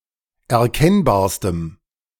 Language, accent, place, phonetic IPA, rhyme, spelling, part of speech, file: German, Germany, Berlin, [ɛɐ̯ˈkɛnbaːɐ̯stəm], -ɛnbaːɐ̯stəm, erkennbarstem, adjective, De-erkennbarstem.ogg
- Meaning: strong dative masculine/neuter singular superlative degree of erkennbar